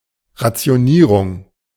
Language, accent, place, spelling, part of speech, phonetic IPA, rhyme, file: German, Germany, Berlin, Rationierung, noun, [ʁat͡si̯oˈniːʁʊŋ], -iːʁʊŋ, De-Rationierung.ogg
- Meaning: rationing